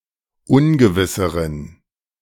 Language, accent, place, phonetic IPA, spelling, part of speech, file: German, Germany, Berlin, [ˈʊnɡəvɪsəʁən], ungewisseren, adjective, De-ungewisseren.ogg
- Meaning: inflection of ungewiss: 1. strong genitive masculine/neuter singular comparative degree 2. weak/mixed genitive/dative all-gender singular comparative degree